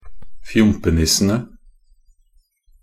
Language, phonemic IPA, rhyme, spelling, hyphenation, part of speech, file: Norwegian Bokmål, /ˈfjʊmpənɪsːənə/, -ənə, fjompenissene, fjom‧pe‧nis‧se‧ne, noun, Nb-fjompenissene.ogg
- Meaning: definite plural of fjompenisse